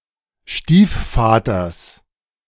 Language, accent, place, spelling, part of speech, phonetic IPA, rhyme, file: German, Germany, Berlin, Stiefvaters, noun, [ˈʃtiːfˌfaːtɐs], -iːffaːtɐs, De-Stiefvaters.ogg
- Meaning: genitive singular of Stiefvater